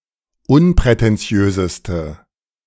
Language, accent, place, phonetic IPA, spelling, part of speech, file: German, Germany, Berlin, [ˈʊnpʁɛtɛnˌt͡si̯øːzəstə], unprätentiöseste, adjective, De-unprätentiöseste.ogg
- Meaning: inflection of unprätentiös: 1. strong/mixed nominative/accusative feminine singular superlative degree 2. strong nominative/accusative plural superlative degree